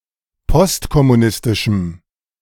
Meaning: strong dative masculine/neuter singular of postkommunistisch
- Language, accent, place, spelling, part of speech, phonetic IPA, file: German, Germany, Berlin, postkommunistischem, adjective, [ˈpɔstkɔmuˌnɪstɪʃm̩], De-postkommunistischem.ogg